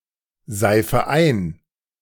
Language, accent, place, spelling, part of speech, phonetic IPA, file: German, Germany, Berlin, seife ein, verb, [ˌzaɪ̯fə ˈaɪ̯n], De-seife ein.ogg
- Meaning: inflection of einseifen: 1. first-person singular present 2. first/third-person singular subjunctive I 3. singular imperative